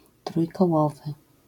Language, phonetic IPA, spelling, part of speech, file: Polish, [ˌtrujkɔˈwɔvɨ], trójkołowy, adjective, LL-Q809 (pol)-trójkołowy.wav